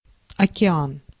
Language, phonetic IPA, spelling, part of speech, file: Russian, [ɐkʲɪˈan], океан, noun, Ru-океан.ogg
- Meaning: ocean